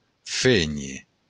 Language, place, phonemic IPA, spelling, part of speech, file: Occitan, Béarn, /ˈfeɲe/, fénher, verb, LL-Q14185 (oci)-fénher.wav
- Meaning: to feign